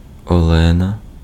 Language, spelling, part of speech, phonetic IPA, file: Ukrainian, Олена, proper noun, [ɔˈɫɛnɐ], Uk-Олена.ogg
- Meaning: 1. a female given name, Olena, equivalent to English Helen, Helena, or Lena 2. a transliteration of the Russian female given name Елена (Jelena)